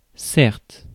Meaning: 1. certainly, surely, decidedly, definitely 2. admittedly, granted, fair enough
- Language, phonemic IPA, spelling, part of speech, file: French, /sɛʁt/, certes, adverb, Fr-certes.ogg